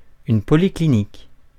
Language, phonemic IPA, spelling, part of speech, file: French, /pɔ.li.kli.nik/, polyclinique, noun, Fr-polyclinique.ogg
- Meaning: private hospital